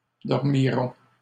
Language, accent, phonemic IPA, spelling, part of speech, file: French, Canada, /dɔʁ.mi.ʁɔ̃/, dormirons, verb, LL-Q150 (fra)-dormirons.wav
- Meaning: first-person plural future of dormir